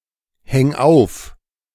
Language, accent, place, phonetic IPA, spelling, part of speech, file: German, Germany, Berlin, [ˌhɛŋ ˈaʊ̯f], häng auf, verb, De-häng auf.ogg
- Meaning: 1. singular imperative of aufhängen 2. first-person singular present of aufhängen